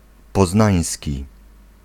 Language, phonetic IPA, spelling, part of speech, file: Polish, [pɔˈznãj̃sʲci], poznański, adjective, Pl-poznański.ogg